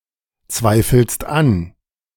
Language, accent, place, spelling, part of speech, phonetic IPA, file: German, Germany, Berlin, zweifelst an, verb, [ˌt͡svaɪ̯fl̩st ˈan], De-zweifelst an.ogg
- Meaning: second-person singular present of anzweifeln